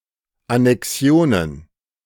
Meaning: plural of Annexion
- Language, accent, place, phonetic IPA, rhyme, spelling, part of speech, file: German, Germany, Berlin, [anɛˈksi̯oːnən], -oːnən, Annexionen, noun, De-Annexionen.ogg